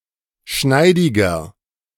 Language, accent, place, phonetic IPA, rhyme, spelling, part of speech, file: German, Germany, Berlin, [ˈʃnaɪ̯dɪɡɐ], -aɪ̯dɪɡɐ, schneidiger, adjective, De-schneidiger.ogg
- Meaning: 1. comparative degree of schneidig 2. inflection of schneidig: strong/mixed nominative masculine singular 3. inflection of schneidig: strong genitive/dative feminine singular